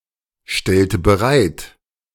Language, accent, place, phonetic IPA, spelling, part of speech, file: German, Germany, Berlin, [ˌʃtɛltə bəˈʁaɪ̯t], stellte bereit, verb, De-stellte bereit.ogg
- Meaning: inflection of bereitstellen: 1. first/third-person singular preterite 2. first/third-person singular subjunctive II